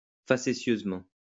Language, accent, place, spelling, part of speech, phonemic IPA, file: French, France, Lyon, facétieusement, adverb, /fa.se.sjøz.mɑ̃/, LL-Q150 (fra)-facétieusement.wav
- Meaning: facetiously